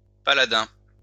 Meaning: paladin
- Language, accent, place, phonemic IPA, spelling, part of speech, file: French, France, Lyon, /pa.la.dɛ̃/, paladin, noun, LL-Q150 (fra)-paladin.wav